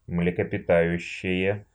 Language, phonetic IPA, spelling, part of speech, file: Russian, [mlʲɪkəpʲɪˈtajʉɕːɪje], млекопитающее, noun / adjective, Ru-млекопита́ющее.ogg
- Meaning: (noun) mammal; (adjective) nominative/accusative neuter singular of млекопита́ющий (mlekopitájuščij)